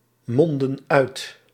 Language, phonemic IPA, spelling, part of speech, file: Dutch, /ˈmɔndə(n) ˈœyt/, mondden uit, verb, Nl-mondden uit.ogg
- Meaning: inflection of uitmonden: 1. plural past indicative 2. plural past subjunctive